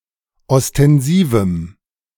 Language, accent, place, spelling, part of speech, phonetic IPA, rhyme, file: German, Germany, Berlin, ostensivem, adjective, [ɔstɛnˈziːvm̩], -iːvm̩, De-ostensivem.ogg
- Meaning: strong dative masculine/neuter singular of ostensiv